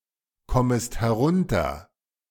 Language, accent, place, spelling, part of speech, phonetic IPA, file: German, Germany, Berlin, kommest herunter, verb, [ˌkɔməst hɛˈʁʊntɐ], De-kommest herunter.ogg
- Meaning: second-person singular subjunctive I of herunterkommen